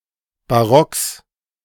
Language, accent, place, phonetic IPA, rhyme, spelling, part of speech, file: German, Germany, Berlin, [baˈʁɔks], -ɔks, Barocks, noun, De-Barocks.ogg
- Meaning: genitive singular of Barock